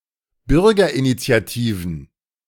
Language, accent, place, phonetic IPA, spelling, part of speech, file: German, Germany, Berlin, [ˈbʏʁɡɐʔinit͡si̯aˌtiːvn̩], Bürgerinitiativen, noun, De-Bürgerinitiativen.ogg
- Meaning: plural of Bürgerinitiative